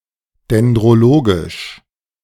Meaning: dendrological
- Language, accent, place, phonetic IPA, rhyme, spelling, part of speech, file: German, Germany, Berlin, [dɛndʁoˈloːɡɪʃ], -oːɡɪʃ, dendrologisch, adjective, De-dendrologisch.ogg